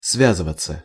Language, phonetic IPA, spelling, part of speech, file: Russian, [ˈsvʲazɨvət͡sə], связываться, verb, Ru-связываться.ogg
- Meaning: 1. to communicate, to get in contact 2. to get involved 3. passive of свя́зывать (svjázyvatʹ)